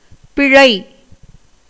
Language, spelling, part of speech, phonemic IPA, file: Tamil, பிழை, verb / noun, /pɪɻɐɪ̯/, Ta-பிழை.ogg
- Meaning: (verb) 1. to do wrong 2. to fail 3. to escape 4. to live 5. to get on in life, subsist, survive 6. to be emancipated from all sins, to obtain salvation 7. to die